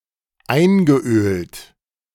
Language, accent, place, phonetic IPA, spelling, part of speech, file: German, Germany, Berlin, [ˈaɪ̯nɡəˌʔøːlt], eingeölt, verb, De-eingeölt.ogg
- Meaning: past participle of einölen